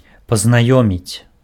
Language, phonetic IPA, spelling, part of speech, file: Belarusian, [paznaˈjomʲit͡sʲ], пазнаёміць, verb, Be-пазнаёміць.ogg
- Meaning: to acquaint, to introduce